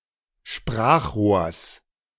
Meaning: genitive singular of Sprachrohr
- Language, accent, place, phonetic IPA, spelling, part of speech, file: German, Germany, Berlin, [ˈʃpʁaːxˌʁoːɐ̯s], Sprachrohrs, noun, De-Sprachrohrs.ogg